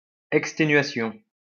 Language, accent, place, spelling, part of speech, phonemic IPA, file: French, France, Lyon, exténuation, noun, /ɛk.ste.nɥa.sjɔ̃/, LL-Q150 (fra)-exténuation.wav
- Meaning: extenuation; exhaustion